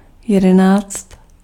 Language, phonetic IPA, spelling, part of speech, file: Czech, [ˈjɛdɛnaːt͡st], jedenáct, numeral, Cs-jedenáct.ogg
- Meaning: eleven (11)